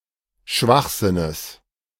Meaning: genitive singular of Schwachsinn
- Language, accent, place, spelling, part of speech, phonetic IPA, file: German, Germany, Berlin, Schwachsinnes, noun, [ˈʃvaxˌzɪnəs], De-Schwachsinnes.ogg